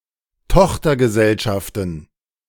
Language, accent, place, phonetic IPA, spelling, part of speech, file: German, Germany, Berlin, [ˈtɔxtɐɡəˌzɛlʃaftn̩], Tochtergesellschaften, noun, De-Tochtergesellschaften.ogg
- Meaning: plural of Tochtergesellschaft